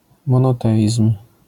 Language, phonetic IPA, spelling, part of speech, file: Polish, [ˌmɔ̃nɔˈtɛʲism̥], monoteizm, noun, LL-Q809 (pol)-monoteizm.wav